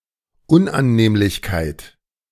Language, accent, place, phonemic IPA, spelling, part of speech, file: German, Germany, Berlin, /ˈʊnʔanˌneːmlɪçkaɪ̯t/, Unannehmlichkeit, noun, De-Unannehmlichkeit.ogg
- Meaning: inconvenience